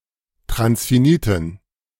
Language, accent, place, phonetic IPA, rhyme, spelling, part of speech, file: German, Germany, Berlin, [tʁansfiˈniːtn̩], -iːtn̩, transfiniten, adjective, De-transfiniten.ogg
- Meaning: inflection of transfinit: 1. strong genitive masculine/neuter singular 2. weak/mixed genitive/dative all-gender singular 3. strong/weak/mixed accusative masculine singular 4. strong dative plural